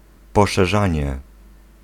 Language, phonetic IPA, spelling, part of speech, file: Polish, [ˌpɔʃɛˈʒãɲɛ], poszerzanie, noun, Pl-poszerzanie.ogg